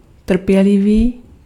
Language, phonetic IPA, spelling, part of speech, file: Czech, [ˈtr̩pjɛlɪviː], trpělivý, adjective, Cs-trpělivý.ogg
- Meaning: patient